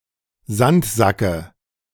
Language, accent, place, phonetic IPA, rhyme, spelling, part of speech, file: German, Germany, Berlin, [ˈzantˌzakə], -antzakə, Sandsacke, noun, De-Sandsacke.ogg
- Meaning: dative of Sandsack